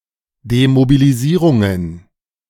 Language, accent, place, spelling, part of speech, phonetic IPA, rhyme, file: German, Germany, Berlin, Demobilisierungen, noun, [demobiliˈziːʁʊŋən], -iːʁʊŋən, De-Demobilisierungen.ogg
- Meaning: plural of Demobilisierung